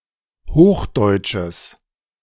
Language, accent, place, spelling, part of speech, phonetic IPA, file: German, Germany, Berlin, hochdeutsches, adjective, [ˈhoːxˌdɔɪ̯t͡ʃəs], De-hochdeutsches.ogg
- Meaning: strong/mixed nominative/accusative neuter singular of hochdeutsch